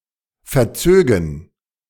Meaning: first-person plural subjunctive II of verziehen
- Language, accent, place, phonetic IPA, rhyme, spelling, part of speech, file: German, Germany, Berlin, [fɛɐ̯ˈt͡søːɡn̩], -øːɡn̩, verzögen, verb, De-verzögen.ogg